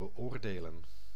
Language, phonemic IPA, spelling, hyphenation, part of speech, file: Dutch, /bəˈoːrdeːlə(n)/, beoordelen, be‧oor‧de‧len, verb, Nl-beoordelen.ogg
- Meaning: to evaluate, to assess, to judge